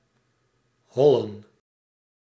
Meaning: 1. to (make) hollow, empty (the inside) 2. to make by hollowing 3. to run fast or frantically, run away, flee etc 4. to rage; be/get out of control 5. to (be/ go on) strike
- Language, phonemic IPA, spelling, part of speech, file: Dutch, /ˈɦɔlə(n)/, hollen, verb, Nl-hollen.ogg